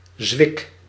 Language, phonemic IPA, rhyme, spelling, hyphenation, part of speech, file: Dutch, /zʋɪk/, -ɪk, zwik, zwik, noun, Nl-zwik.ogg
- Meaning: 1. wooden pin, bung, dowel 2. spandrel (triangle formed by one or more arches and a linear or rectangular frame) 3. stuff, junk; lot, collection 4. penis